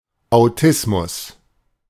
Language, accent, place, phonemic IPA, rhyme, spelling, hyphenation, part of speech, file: German, Germany, Berlin, /aʊ̯ˈtɪsmʊs/, -ɪsmʊs, Autismus, Au‧tis‧mus, noun, De-Autismus.ogg
- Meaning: autism